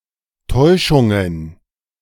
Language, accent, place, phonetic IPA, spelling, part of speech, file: German, Germany, Berlin, [ˈtɔɪ̯ʃʊŋən], Täuschungen, noun, De-Täuschungen.ogg
- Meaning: plural of Täuschung